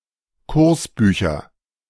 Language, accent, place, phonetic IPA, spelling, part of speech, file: German, Germany, Berlin, [ˈkʊʁsˌbyːçɐ], Kursbücher, noun, De-Kursbücher.ogg
- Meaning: nominative/accusative/genitive plural of Kursbuch